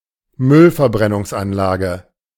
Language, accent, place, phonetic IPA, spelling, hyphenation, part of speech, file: German, Germany, Berlin, [ˈmʏlfɛɐ̯bʁɛnʊŋsanlaːɡə], Müllverbrennungsanlage, Müll‧ver‧bren‧nungs‧an‧la‧ge, noun, De-Müllverbrennungsanlage.ogg
- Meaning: waste incinerator